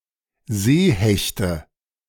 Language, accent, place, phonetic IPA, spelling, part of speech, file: German, Germany, Berlin, [ˈzeːˌhɛçtə], Seehechte, noun, De-Seehechte.ogg
- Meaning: nominative/accusative/genitive plural of Seehecht